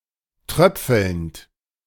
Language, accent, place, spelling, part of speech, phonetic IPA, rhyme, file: German, Germany, Berlin, tröpfelnd, verb, [ˈtʁœp͡fl̩nt], -œp͡fl̩nt, De-tröpfelnd.ogg
- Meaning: present participle of tröpfeln